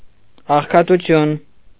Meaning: poverty
- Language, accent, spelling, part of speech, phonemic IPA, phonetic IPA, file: Armenian, Eastern Armenian, աղքատություն, noun, /ɑχkʰɑtuˈtʰjun/, [ɑχkʰɑtut͡sʰjún], Hy-աղքատություն.ogg